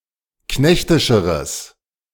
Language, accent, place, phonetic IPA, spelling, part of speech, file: German, Germany, Berlin, [ˈknɛçtɪʃəʁəs], knechtischeres, adjective, De-knechtischeres.ogg
- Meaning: strong/mixed nominative/accusative neuter singular comparative degree of knechtisch